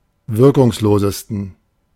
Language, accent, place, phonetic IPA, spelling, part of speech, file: German, Germany, Berlin, [ˈvɪʁkʊŋsˌloːzəstn̩], wirkungslosesten, adjective, De-wirkungslosesten.ogg
- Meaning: 1. superlative degree of wirkungslos 2. inflection of wirkungslos: strong genitive masculine/neuter singular superlative degree